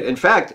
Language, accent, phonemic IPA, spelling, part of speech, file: English, US, /ɪnˈfækt/, in fact, prepositional phrase, En-us-in-fact.ogg
- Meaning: 1. Resulting from the actions of parties 2. Actually; in truth; de facto 3. Moreover